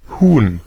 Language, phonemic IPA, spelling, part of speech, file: German, /huːn/, Huhn, noun, De-Huhn.ogg
- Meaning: 1. chicken 2. hen 3. clipping of Hühnervogel (“landfowl”)